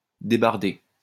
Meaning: to transport logs
- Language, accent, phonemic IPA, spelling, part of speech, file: French, France, /de.baʁ.de/, débarder, verb, LL-Q150 (fra)-débarder.wav